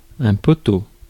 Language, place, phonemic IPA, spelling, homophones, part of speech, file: French, Paris, /pɔ.to/, poteau, poteaux, noun, Fr-poteau.ogg
- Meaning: 1. post, pole, stake, stanchion, strut, standard, prop 2. goalpost 3. friend, buddy 4. paper candidate